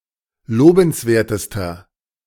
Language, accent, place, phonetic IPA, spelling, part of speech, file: German, Germany, Berlin, [ˈloːbn̩sˌveːɐ̯təstɐ], lobenswertester, adjective, De-lobenswertester.ogg
- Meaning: inflection of lobenswert: 1. strong/mixed nominative masculine singular superlative degree 2. strong genitive/dative feminine singular superlative degree 3. strong genitive plural superlative degree